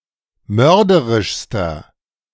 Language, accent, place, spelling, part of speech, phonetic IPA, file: German, Germany, Berlin, mörderischster, adjective, [ˈmœʁdəʁɪʃstɐ], De-mörderischster.ogg
- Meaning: inflection of mörderisch: 1. strong/mixed nominative masculine singular superlative degree 2. strong genitive/dative feminine singular superlative degree 3. strong genitive plural superlative degree